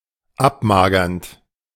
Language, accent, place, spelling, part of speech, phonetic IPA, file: German, Germany, Berlin, abmagernd, verb, [ˈapˌmaːɡɐnt], De-abmagernd.ogg
- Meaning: present participle of abmagern